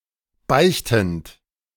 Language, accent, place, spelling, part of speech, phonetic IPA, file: German, Germany, Berlin, beichtend, verb, [ˈbaɪ̯çtn̩t], De-beichtend.ogg
- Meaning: present participle of beichten